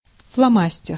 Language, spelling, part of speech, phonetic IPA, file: Russian, фломастер, noun, [fɫɐˈmasʲtʲɪr], Ru-фломастер.ogg
- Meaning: felt-tip pen